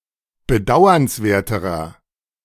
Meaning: inflection of bedauernswert: 1. strong/mixed nominative masculine singular comparative degree 2. strong genitive/dative feminine singular comparative degree
- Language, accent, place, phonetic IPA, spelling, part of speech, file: German, Germany, Berlin, [bəˈdaʊ̯ɐnsˌveːɐ̯təʁɐ], bedauernswerterer, adjective, De-bedauernswerterer.ogg